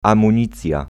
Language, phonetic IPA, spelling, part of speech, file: Polish, [ˌãmũˈɲit͡sʲja], amunicja, noun, Pl-amunicja.ogg